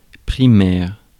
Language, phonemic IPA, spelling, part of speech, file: French, /pʁi.mɛʁ/, primaire, adjective, Fr-primaire.ogg
- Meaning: 1. primary 2. elementary